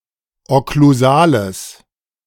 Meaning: strong/mixed nominative/accusative neuter singular of okklusal
- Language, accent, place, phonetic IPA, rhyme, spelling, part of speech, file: German, Germany, Berlin, [ɔkluˈzaːləs], -aːləs, okklusales, adjective, De-okklusales.ogg